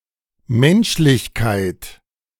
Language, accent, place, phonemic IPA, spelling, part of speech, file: German, Germany, Berlin, /ˈmɛnʃlɪçkaɪ̯t/, Menschlichkeit, noun, De-Menschlichkeit.ogg
- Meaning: 1. humanity (the condition or quality of being human) 2. humanity (the quality of being humane) 3. a human(e) trait or deed, e.g. a weakness or an act of sympathy